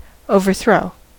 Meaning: 1. To bring about the downfall of (a government, etc.), especially by force; to usurp 2. To throw down to the ground, to overturn 3. To throw (something) so that it goes too far
- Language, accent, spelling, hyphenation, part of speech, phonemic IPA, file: English, General American, overthrow, over‧throw, verb, /ˌoʊvɚˈθɹoʊ/, En-us-overthrow.ogg